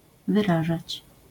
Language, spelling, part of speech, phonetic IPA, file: Polish, wyrażać, verb, [vɨˈraʒat͡ɕ], LL-Q809 (pol)-wyrażać.wav